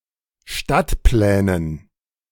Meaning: dative plural of Stadtplan
- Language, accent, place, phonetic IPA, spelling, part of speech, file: German, Germany, Berlin, [ˈʃtatˌplɛːnən], Stadtplänen, noun, De-Stadtplänen.ogg